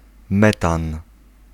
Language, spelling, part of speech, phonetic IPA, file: Polish, metan, noun, [ˈmɛtãn], Pl-metan.ogg